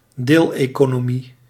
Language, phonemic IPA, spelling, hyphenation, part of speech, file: Dutch, /ˈdeːl.eː.koː.noːˌmi/, deeleconomie, deel‧eco‧no‧mie, noun, Nl-deeleconomie.ogg
- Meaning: sharing economy